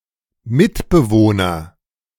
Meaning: flatmate, cohabitor (person living in the same house, room, apartment etc. as oneself)
- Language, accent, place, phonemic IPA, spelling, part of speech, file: German, Germany, Berlin, /ˈmɪtbəvoːnɐ/, Mitbewohner, noun, De-Mitbewohner.ogg